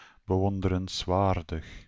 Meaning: admirable, worthy of admiration, deserving high esteem
- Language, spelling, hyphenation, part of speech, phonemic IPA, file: Dutch, bewonderenswaardig, be‧won‧de‧rens‧waar‧dig, adjective, /bəˌʋɔn.də.rə(n)sˈʋaːr.dəx/, Nl-bewonderenswaardig.ogg